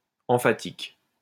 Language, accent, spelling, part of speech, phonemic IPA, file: French, France, emphatique, adjective, /ɑ̃.fa.tik/, LL-Q150 (fra)-emphatique.wav
- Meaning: 1. exaggerated (marked by exaggeration) 2. inflated, pompous, pretentious, pedantic (marked by unnatural linguistic inflation meant to make what is communicated seem more intelligent)